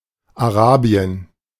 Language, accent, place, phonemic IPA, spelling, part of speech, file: German, Germany, Berlin, /aˈraːbi̯ən/, Arabien, proper noun, De-Arabien.ogg
- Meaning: Arabia (a peninsula of West Asia between the Red Sea and the Persian Gulf; includes Jordan, Saudi Arabia, Yemen, Oman, Qatar, Bahrain, Kuwait, and the United Arab Emirates)